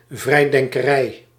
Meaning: free thought; the freethinkers' movement or the underlying principles thereof
- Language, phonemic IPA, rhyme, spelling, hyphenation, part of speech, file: Dutch, /ˌvrɛi̯.dɛŋ.kəˈrɛi̯/, -ɛi̯, vrijdenkerij, vrij‧den‧ke‧rij, noun, Nl-vrijdenkerij.ogg